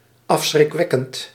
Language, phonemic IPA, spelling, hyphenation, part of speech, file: Dutch, /ˌɑf.sxrɪkˈʋɛ.kənt/, afschrikwekkend, af‧schrik‧wek‧kend, adjective, Nl-afschrikwekkend.ogg
- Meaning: heinous, horrible